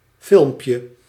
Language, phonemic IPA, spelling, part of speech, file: Dutch, /ˈfɪlᵊmpjə/, filmpje, noun, Nl-filmpje.ogg
- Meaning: diminutive of film